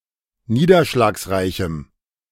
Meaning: strong dative masculine/neuter singular of niederschlagsreich
- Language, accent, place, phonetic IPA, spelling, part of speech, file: German, Germany, Berlin, [ˈniːdɐʃlaːksˌʁaɪ̯çm̩], niederschlagsreichem, adjective, De-niederschlagsreichem.ogg